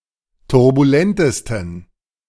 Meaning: 1. superlative degree of turbulent 2. inflection of turbulent: strong genitive masculine/neuter singular superlative degree
- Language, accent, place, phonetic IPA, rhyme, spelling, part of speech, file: German, Germany, Berlin, [tʊʁbuˈlɛntəstn̩], -ɛntəstn̩, turbulentesten, adjective, De-turbulentesten.ogg